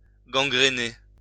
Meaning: 1. to develop gangrene 2. to completely corrupt
- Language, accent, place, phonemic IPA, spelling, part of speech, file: French, France, Lyon, /ɡɑ̃.ɡʁə.ne/, gangrener, verb, LL-Q150 (fra)-gangrener.wav